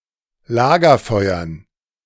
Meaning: dative plural of Lagerfeuer
- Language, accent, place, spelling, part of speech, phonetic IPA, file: German, Germany, Berlin, Lagerfeuern, noun, [ˈlaːɡɐˌfɔɪ̯ɐn], De-Lagerfeuern.ogg